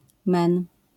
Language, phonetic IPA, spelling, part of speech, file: Polish, [mɛ̃n], Men, proper noun, LL-Q809 (pol)-Men.wav